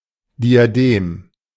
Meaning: diadem
- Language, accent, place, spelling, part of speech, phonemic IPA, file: German, Germany, Berlin, Diadem, noun, /diaˈdeːm/, De-Diadem.ogg